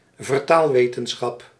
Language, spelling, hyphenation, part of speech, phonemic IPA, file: Dutch, vertaalwetenschap, ver‧taal‧we‧ten‧schap, noun, /vərˈtaːlˌʋeː.tə(n).sxɑp/, Nl-vertaalwetenschap.ogg
- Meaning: translation studies